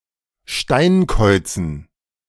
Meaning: dative plural of Steinkauz
- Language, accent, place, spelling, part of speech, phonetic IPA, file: German, Germany, Berlin, Steinkäuzen, noun, [ˈʃtaɪ̯nˌkɔɪ̯t͡sn̩], De-Steinkäuzen.ogg